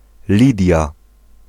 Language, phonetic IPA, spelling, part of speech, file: Polish, [ˈlʲidʲja], Lidia, proper noun, Pl-Lidia.ogg